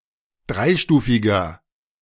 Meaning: inflection of dreistufig: 1. strong/mixed nominative masculine singular 2. strong genitive/dative feminine singular 3. strong genitive plural
- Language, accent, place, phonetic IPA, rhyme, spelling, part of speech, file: German, Germany, Berlin, [ˈdʁaɪ̯ˌʃtuːfɪɡɐ], -aɪ̯ʃtuːfɪɡɐ, dreistufiger, adjective, De-dreistufiger.ogg